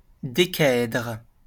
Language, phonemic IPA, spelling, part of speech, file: French, /de.ka.ɛdʁ/, décaèdre, noun, LL-Q150 (fra)-décaèdre.wav
- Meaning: decahedron